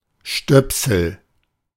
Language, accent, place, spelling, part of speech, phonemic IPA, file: German, Germany, Berlin, Stöpsel, noun, /ˈʃtœpsəl/, De-Stöpsel.ogg
- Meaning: plug (something intended to plug)